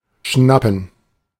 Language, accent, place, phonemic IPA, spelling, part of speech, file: German, Germany, Berlin, /ˈʃnapən/, schnappen, verb, De-schnappen.ogg
- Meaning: 1. to snap (with one’s mouth) 2. to breathe, gasp 3. to catch; to seize 4. to nab (a criminal)